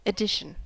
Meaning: 1. The act of adding anything 2. Anything that is added 3. The arithmetic operation of adding 4. A dot at the right side of a note as an indication that its sound is to be lengthened one half
- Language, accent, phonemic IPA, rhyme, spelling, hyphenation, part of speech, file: English, US, /əˈdɪʃ.ən/, -ɪʃən, addition, ad‧di‧tion, noun, En-us-addition.ogg